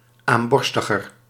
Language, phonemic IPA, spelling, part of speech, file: Dutch, /amˈbɔrstəɣər/, aamborstiger, adjective, Nl-aamborstiger.ogg
- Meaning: comparative degree of aamborstig